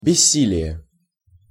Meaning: 1. impotence, asthenia, impuissance (loss of strength) 2. powerlessness
- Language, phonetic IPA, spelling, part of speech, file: Russian, [bʲɪˈsʲːilʲɪje], бессилие, noun, Ru-бессилие.ogg